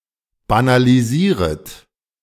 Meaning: second-person plural subjunctive I of banalisieren
- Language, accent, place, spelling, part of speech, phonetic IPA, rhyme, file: German, Germany, Berlin, banalisieret, verb, [banaliˈziːʁət], -iːʁət, De-banalisieret.ogg